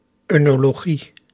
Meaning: oenology
- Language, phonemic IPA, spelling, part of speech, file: Dutch, /ˌœnoloˈɣi/, oenologie, noun, Nl-oenologie.ogg